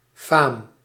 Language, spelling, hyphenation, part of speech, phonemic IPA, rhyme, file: Dutch, faam, faam, noun, /faːm/, -aːm, Nl-faam.ogg
- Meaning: reputation, fame